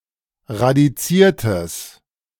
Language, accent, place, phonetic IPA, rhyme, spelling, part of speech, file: German, Germany, Berlin, [ʁadiˈt͡siːɐ̯təs], -iːɐ̯təs, radiziertes, adjective, De-radiziertes.ogg
- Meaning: strong/mixed nominative/accusative neuter singular of radiziert